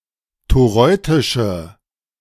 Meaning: inflection of toreutisch: 1. strong/mixed nominative/accusative feminine singular 2. strong nominative/accusative plural 3. weak nominative all-gender singular
- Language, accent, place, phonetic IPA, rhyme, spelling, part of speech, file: German, Germany, Berlin, [toˈʁɔɪ̯tɪʃə], -ɔɪ̯tɪʃə, toreutische, adjective, De-toreutische.ogg